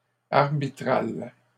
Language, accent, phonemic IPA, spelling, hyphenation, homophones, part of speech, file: French, Canada, /aʁ.bi.tʁal/, arbitrale, ar‧bi‧trale, arbitral / arbitrales, adjective, LL-Q150 (fra)-arbitrale.wav
- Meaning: feminine singular of arbitral